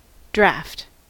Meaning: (noun) 1. Alternative form of draft in some of its senses 2. A checker: a game piece used in the game of draughts 3. Ale: a type of beer brewed using top-fermenting yeast 4. A mild vesicatory
- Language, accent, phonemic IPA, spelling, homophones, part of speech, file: English, US, /dɹæft/, draught, draft, noun / adjective / verb, En-us-draught.ogg